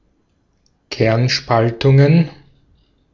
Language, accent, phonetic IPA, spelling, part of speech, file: German, Austria, [ˈkɛʁnˌʃpaltʊŋən], Kernspaltungen, noun, De-at-Kernspaltungen.ogg
- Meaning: plural of Kernspaltung